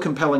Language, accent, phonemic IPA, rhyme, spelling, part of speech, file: English, US, /kəmˈpɛlɪŋ/, -ɛlɪŋ, compelling, verb / adjective / noun, En-us-compelling.ogg
- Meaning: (verb) present participle and gerund of compel; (adjective) 1. very interesting; able to capture and hold one's attention 2. capable of causing someone to believe or agree